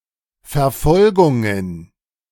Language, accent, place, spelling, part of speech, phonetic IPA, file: German, Germany, Berlin, Verfolgungen, noun, [fɛɐ̯ˈfɔlɡʊŋən], De-Verfolgungen.ogg
- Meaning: plural of Verfolgung